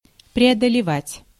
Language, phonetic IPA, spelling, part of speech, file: Russian, [prʲɪədəlʲɪˈvatʲ], преодолевать, verb, Ru-преодолевать.ogg
- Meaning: 1. to get over, to overcome 2. to traverse 3. to negotiate